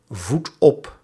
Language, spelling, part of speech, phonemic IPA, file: Dutch, voedt op, verb, /ˈvut ˈɔp/, Nl-voedt op.ogg
- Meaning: inflection of opvoeden: 1. second/third-person singular present indicative 2. plural imperative